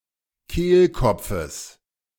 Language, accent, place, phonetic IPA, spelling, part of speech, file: German, Germany, Berlin, [ˈkeːlˌkɔp͡fəs], Kehlkopfes, noun, De-Kehlkopfes.ogg
- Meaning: genitive singular of Kehlkopf